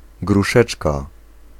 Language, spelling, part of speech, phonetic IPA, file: Polish, gruszeczka, noun, [ɡruˈʃɛt͡ʃka], Pl-gruszeczka.ogg